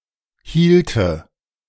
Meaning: first/third-person singular subjunctive II of halten
- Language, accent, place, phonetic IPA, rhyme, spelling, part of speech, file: German, Germany, Berlin, [ˈhiːltə], -iːltə, hielte, verb, De-hielte.ogg